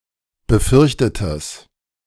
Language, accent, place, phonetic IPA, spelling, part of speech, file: German, Germany, Berlin, [bəˈfʏʁçtətəs], befürchtetes, adjective, De-befürchtetes.ogg
- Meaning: strong/mixed nominative/accusative neuter singular of befürchtet